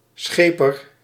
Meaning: 1. shepherd 2. sheepdog
- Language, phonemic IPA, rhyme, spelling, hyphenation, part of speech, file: Dutch, /ˈsxeː.pər/, -eːpər, scheper, sche‧per, noun, Nl-scheper.ogg